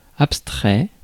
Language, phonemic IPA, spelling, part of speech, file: French, /ap.stʁɛ/, abstrait, adjective / verb, Fr-abstrait.ogg
- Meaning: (adjective) abstract; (verb) 1. third-person singular present indicative of abstraire 2. past participle of abstraire